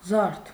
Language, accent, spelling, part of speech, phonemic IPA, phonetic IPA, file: Armenian, Eastern Armenian, զարդ, noun, /zɑɾtʰ/, [zɑɾtʰ], Hy-զարդ.ogg
- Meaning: 1. ornament, adornment, accessory (e.g., ring, bracelet, necklace) 2. decoration, adornment (of a house) 3. design, pattern, tracery